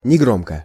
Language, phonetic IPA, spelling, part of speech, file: Russian, [nʲɪˈɡromkə], негромко, adverb, Ru-негромко.ogg
- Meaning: 1. quietly 2. in a low voice